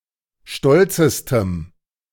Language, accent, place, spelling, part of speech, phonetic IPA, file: German, Germany, Berlin, stolzestem, adjective, [ˈʃtɔlt͡səstəm], De-stolzestem.ogg
- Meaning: strong dative masculine/neuter singular superlative degree of stolz